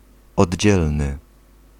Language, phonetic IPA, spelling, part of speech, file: Polish, [ɔdʲˈd͡ʑɛlnɨ], oddzielny, adjective, Pl-oddzielny.ogg